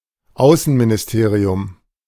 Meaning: ministry of foreign affairs
- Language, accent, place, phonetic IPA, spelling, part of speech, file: German, Germany, Berlin, [ˈaʊ̯sn̩minɪsˌteːʁiʊm], Außenministerium, noun, De-Außenministerium.ogg